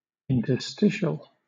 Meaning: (adjective) Of, relating to, or situated in an interstice; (noun) A web page, usually carrying advertising, displayed when leaving one content page for another
- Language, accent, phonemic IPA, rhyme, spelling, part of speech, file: English, Southern England, /ɪntəˈstɪʃəl/, -ɪʃəl, interstitial, adjective / noun, LL-Q1860 (eng)-interstitial.wav